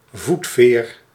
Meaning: pedestrian ferry, ferry that serves pedestrians
- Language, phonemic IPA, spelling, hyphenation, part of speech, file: Dutch, /ˈvut.feːr/, voetveer, voet‧veer, noun, Nl-voetveer.ogg